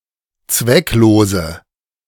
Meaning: inflection of zwecklos: 1. strong/mixed nominative/accusative feminine singular 2. strong nominative/accusative plural 3. weak nominative all-gender singular
- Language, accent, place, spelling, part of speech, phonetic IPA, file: German, Germany, Berlin, zwecklose, adjective, [ˈt͡svɛkˌloːzə], De-zwecklose.ogg